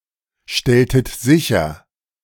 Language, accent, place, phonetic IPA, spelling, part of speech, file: German, Germany, Berlin, [ˌʃtɛltət ˈzɪçɐ], stelltet sicher, verb, De-stelltet sicher.ogg
- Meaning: inflection of sicherstellen: 1. second-person plural preterite 2. second-person plural subjunctive II